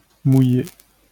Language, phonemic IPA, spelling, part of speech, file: French, /mu.je/, mouillé, adjective / verb, LL-Q150 (fra)-mouillé.wav
- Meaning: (adjective) 1. wet, moist (covered with liquid) 2. wet, moist (of a woman, sexually excited); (verb) past participle of mouiller